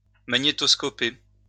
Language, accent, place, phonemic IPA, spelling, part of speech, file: French, France, Lyon, /ma.ɲe.tɔs.kɔ.pe/, magnétoscoper, verb, LL-Q150 (fra)-magnétoscoper.wav
- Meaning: to record, to tape (using a videocassette recorder)